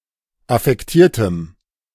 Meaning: strong dative masculine/neuter singular of affektiert
- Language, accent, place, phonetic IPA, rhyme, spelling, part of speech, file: German, Germany, Berlin, [afɛkˈtiːɐ̯təm], -iːɐ̯təm, affektiertem, adjective, De-affektiertem.ogg